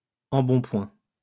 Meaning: plumpness, stoutness
- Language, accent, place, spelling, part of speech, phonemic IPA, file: French, France, Lyon, embonpoint, noun, /ɑ̃.bɔ̃.pwɛ̃/, LL-Q150 (fra)-embonpoint.wav